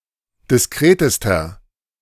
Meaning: inflection of diskret: 1. strong/mixed nominative masculine singular superlative degree 2. strong genitive/dative feminine singular superlative degree 3. strong genitive plural superlative degree
- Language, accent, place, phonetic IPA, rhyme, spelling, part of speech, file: German, Germany, Berlin, [dɪsˈkʁeːtəstɐ], -eːtəstɐ, diskretester, adjective, De-diskretester.ogg